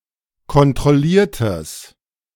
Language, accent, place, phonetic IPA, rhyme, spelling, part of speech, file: German, Germany, Berlin, [kɔntʁɔˈliːɐ̯təs], -iːɐ̯təs, kontrolliertes, adjective, De-kontrolliertes.ogg
- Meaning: strong/mixed nominative/accusative neuter singular of kontrolliert